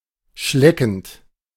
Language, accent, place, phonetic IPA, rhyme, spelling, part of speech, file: German, Germany, Berlin, [ˈʃlɛkn̩t], -ɛkn̩t, schleckend, verb, De-schleckend.ogg
- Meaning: present participle of schlecken